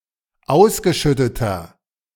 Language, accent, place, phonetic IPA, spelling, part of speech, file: German, Germany, Berlin, [ˈaʊ̯sɡəˌʃʏtətɐ], ausgeschütteter, adjective, De-ausgeschütteter.ogg
- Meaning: inflection of ausgeschüttet: 1. strong/mixed nominative masculine singular 2. strong genitive/dative feminine singular 3. strong genitive plural